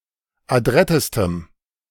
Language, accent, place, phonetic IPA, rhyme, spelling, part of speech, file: German, Germany, Berlin, [aˈdʁɛtəstəm], -ɛtəstəm, adrettestem, adjective, De-adrettestem.ogg
- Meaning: strong dative masculine/neuter singular superlative degree of adrett